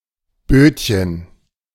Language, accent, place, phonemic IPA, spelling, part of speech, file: German, Germany, Berlin, /ˈbøːtçən/, Bötchen, noun, De-Bötchen.ogg
- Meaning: 1. diminutive of Boot 2. diminutive of Bote